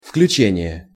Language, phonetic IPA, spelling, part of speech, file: Russian, [fklʲʉˈt͡ɕenʲɪje], включение, noun, Ru-включение.ogg
- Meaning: 1. inclusion (addition or annex to a group, set or total) 2. turning on, switching on 3. connection 4. powering up, starting up